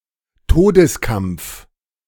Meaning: agony, death throes
- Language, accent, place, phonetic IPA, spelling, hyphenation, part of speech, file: German, Germany, Berlin, [ˈtoːdəsˌkampf], Todeskampf, To‧des‧kampf, noun, De-Todeskampf.ogg